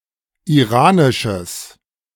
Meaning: strong/mixed nominative/accusative neuter singular of iranisch
- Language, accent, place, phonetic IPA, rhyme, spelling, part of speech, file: German, Germany, Berlin, [iˈʁaːnɪʃəs], -aːnɪʃəs, iranisches, adjective, De-iranisches.ogg